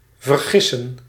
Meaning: to make a mistake
- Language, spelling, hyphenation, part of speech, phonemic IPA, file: Dutch, vergissen, ver‧gis‧sen, verb, /vərˈɣɪsə(n)/, Nl-vergissen.ogg